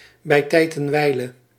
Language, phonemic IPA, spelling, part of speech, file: Dutch, /bɛi̯ ˈtɛi̯t ɛn ˈʋɛi̯.lə/, bij tijd en wijle, prepositional phrase, Nl-bij tijd en wijle.ogg
- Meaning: from time to time